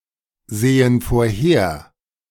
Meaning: inflection of vorhersehen: 1. first/third-person plural present 2. first/third-person plural subjunctive I
- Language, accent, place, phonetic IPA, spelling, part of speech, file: German, Germany, Berlin, [ˌzeːən foːɐ̯ˈheːɐ̯], sehen vorher, verb, De-sehen vorher.ogg